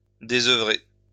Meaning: to deprive of work or of another activity
- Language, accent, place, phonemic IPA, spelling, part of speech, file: French, France, Lyon, /de.zœ.vʁe/, désœuvrer, verb, LL-Q150 (fra)-désœuvrer.wav